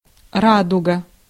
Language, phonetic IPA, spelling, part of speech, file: Russian, [ˈradʊɡə], радуга, noun, Ru-радуга.ogg
- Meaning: rainbow